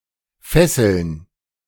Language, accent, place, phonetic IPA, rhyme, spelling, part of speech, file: German, Germany, Berlin, [ˈfɛsl̩n], -ɛsl̩n, Fesseln, noun, De-Fesseln.ogg
- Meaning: plural of Fessel